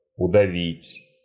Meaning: to strangle, to suffocate
- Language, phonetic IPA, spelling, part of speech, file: Russian, [ʊdɐˈvʲitʲ], удавить, verb, Ru-удавить.ogg